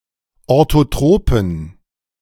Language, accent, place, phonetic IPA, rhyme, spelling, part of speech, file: German, Germany, Berlin, [ˌoʁtoˈtʁoːpn̩], -oːpn̩, orthotropen, adjective, De-orthotropen.ogg
- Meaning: inflection of orthotrop: 1. strong genitive masculine/neuter singular 2. weak/mixed genitive/dative all-gender singular 3. strong/weak/mixed accusative masculine singular 4. strong dative plural